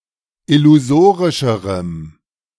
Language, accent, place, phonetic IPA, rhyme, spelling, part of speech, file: German, Germany, Berlin, [ɪluˈzoːʁɪʃəʁəm], -oːʁɪʃəʁəm, illusorischerem, adjective, De-illusorischerem.ogg
- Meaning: strong dative masculine/neuter singular comparative degree of illusorisch